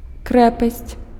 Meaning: fortress
- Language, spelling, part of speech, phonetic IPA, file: Belarusian, крэпасць, noun, [ˈkrɛpasʲt͡sʲ], Be-крэпасць.ogg